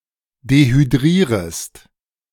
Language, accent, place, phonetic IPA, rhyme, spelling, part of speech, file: German, Germany, Berlin, [dehyˈdʁiːʁəst], -iːʁəst, dehydrierest, verb, De-dehydrierest.ogg
- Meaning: second-person singular subjunctive I of dehydrieren